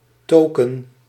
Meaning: token, an atomic piece of data
- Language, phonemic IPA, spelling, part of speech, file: Dutch, /ˈtoːkə(n)/, token, noun, Nl-token.ogg